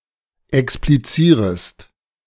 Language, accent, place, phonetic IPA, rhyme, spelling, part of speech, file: German, Germany, Berlin, [ɛkspliˈt͡siːʁəst], -iːʁəst, explizierest, verb, De-explizierest.ogg
- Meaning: second-person singular subjunctive I of explizieren